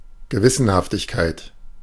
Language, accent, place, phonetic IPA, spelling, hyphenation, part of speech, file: German, Germany, Berlin, [ɡəˈvɪsənhaftɪçkaɪ̯t], Gewissenhaftigkeit, Ge‧wis‧sen‧haf‧tig‧keit, noun, De-Gewissenhaftigkeit.ogg
- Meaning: conscientiousness